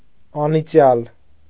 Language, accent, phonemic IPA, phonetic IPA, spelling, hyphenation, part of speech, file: Armenian, Eastern Armenian, /ɑniˈt͡sjɑl/, [ɑnit͡sjɑ́l], անիծյալ, ա‧նի‧ծյալ, adjective, Hy-անիծյալ.ogg
- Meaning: cursed, damned